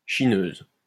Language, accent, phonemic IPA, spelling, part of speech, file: French, France, /ʃi.nøz/, chineuse, noun, LL-Q150 (fra)-chineuse.wav
- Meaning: female equivalent of chineur